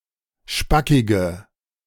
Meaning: inflection of spackig: 1. strong/mixed nominative/accusative feminine singular 2. strong nominative/accusative plural 3. weak nominative all-gender singular 4. weak accusative feminine/neuter singular
- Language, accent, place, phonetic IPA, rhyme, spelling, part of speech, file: German, Germany, Berlin, [ˈʃpakɪɡə], -akɪɡə, spackige, adjective, De-spackige.ogg